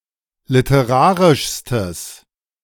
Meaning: strong/mixed nominative/accusative neuter singular superlative degree of literarisch
- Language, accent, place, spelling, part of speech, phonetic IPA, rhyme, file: German, Germany, Berlin, literarischstes, adjective, [lɪtəˈʁaːʁɪʃstəs], -aːʁɪʃstəs, De-literarischstes.ogg